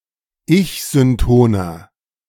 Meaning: 1. comparative degree of ich-synton 2. inflection of ich-synton: strong/mixed nominative masculine singular 3. inflection of ich-synton: strong genitive/dative feminine singular
- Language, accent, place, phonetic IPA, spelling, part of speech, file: German, Germany, Berlin, [ˈɪçzʏnˌtoːnɐ], ich-syntoner, adjective, De-ich-syntoner.ogg